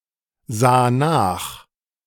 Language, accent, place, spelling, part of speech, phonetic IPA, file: German, Germany, Berlin, sah nach, verb, [ˌzaː ˈnaːx], De-sah nach.ogg
- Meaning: first/third-person singular preterite of nachsehen